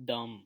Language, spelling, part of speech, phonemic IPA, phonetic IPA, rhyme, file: Hindi, दम, noun, /d̪əm/, [d̪ɐ̃m], -əm, Hi-दम.wav
- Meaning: 1. breath 2. puff, whiff: breathing or blowing out; puff (as in casting a spell) 3. puff, whiff: draw, puff (as at a hookah) 4. life, spirit: vitality, vigour; ambition; mettle